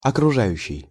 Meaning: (verb) present active imperfective participle of окружа́ть (okružátʹ); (adjective) surrounding
- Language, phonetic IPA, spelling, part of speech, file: Russian, [ɐkrʊˈʐajʉɕːɪj], окружающий, verb / adjective, Ru-окружающий.ogg